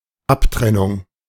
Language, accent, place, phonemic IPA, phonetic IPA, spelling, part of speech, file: German, Germany, Berlin, /ˈapˌtʁɛnʊŋ/, [ˈʔapˌtʁɛnʊŋ], Abtrennung, noun, De-Abtrennung.ogg
- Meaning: 1. separation, detachment 2. partition, secession